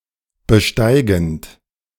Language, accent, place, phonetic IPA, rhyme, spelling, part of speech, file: German, Germany, Berlin, [bəˈʃtaɪ̯ɡn̩t], -aɪ̯ɡn̩t, besteigend, verb, De-besteigend.ogg
- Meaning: present participle of besteigen